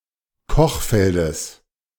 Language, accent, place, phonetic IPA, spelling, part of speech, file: German, Germany, Berlin, [ˈkɔxˌfɛldəs], Kochfeldes, noun, De-Kochfeldes.ogg
- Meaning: genitive singular of Kochfeld